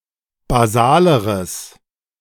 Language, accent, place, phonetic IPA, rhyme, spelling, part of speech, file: German, Germany, Berlin, [baˈzaːləʁəs], -aːləʁəs, basaleres, adjective, De-basaleres.ogg
- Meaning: strong/mixed nominative/accusative neuter singular comparative degree of basal